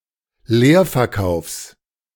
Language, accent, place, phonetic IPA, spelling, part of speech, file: German, Germany, Berlin, [ˈleːɐ̯fɛɐ̯ˌkaʊ̯fs], Leerverkaufs, noun, De-Leerverkaufs.ogg
- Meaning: genitive singular of Leerverkauf